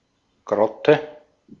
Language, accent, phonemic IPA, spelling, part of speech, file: German, Austria, /ˈɡ̥ʀɔtɛ/, Grotte, noun, De-at-Grotte.ogg
- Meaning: grotto